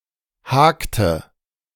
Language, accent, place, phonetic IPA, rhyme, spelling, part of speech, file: German, Germany, Berlin, [ˈhaːktə], -aːktə, hakte, verb, De-hakte.ogg
- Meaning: inflection of haken: 1. first/third-person singular preterite 2. first/third-person singular subjunctive II